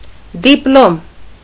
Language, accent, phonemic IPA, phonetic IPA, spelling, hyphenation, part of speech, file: Armenian, Eastern Armenian, /dipˈlom/, [diplóm], դիպլոմ, դիպ‧լոմ, noun, Hy-դիպլոմ.ogg
- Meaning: diploma